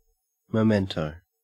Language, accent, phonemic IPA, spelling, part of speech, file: English, Australia, /məˈmɛntoʊ/, memento, noun, En-au-memento.ogg
- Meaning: A keepsake; an object kept as a reminder of a place or event